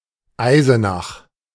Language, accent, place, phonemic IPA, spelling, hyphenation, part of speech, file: German, Germany, Berlin, /ˈaɪ̯zənax/, Eisenach, Ei‧se‧nach, proper noun, De-Eisenach.ogg
- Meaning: Eisenach (a town, the administrative seat of Wartburgkreis district, Thuringia, Germany)